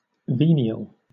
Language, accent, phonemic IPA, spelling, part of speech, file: English, Southern England, /ˈviːni.əl/, venial, adjective, LL-Q1860 (eng)-venial.wav
- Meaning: 1. Able to be forgiven; worthy of forgiveness 2. Able to be forgiven; worthy of forgiveness.: Worthy of forgiveness because trifling (trivial) 3. Not causing spiritual death